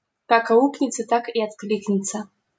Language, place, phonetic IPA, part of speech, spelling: Russian, Saint Petersburg, [kak ɐˈuknʲɪt͡sə tak i ɐtˈklʲiknʲɪt͡sə], proverb, как аукнется, так и откликнется
- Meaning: as you sow, so shall you reap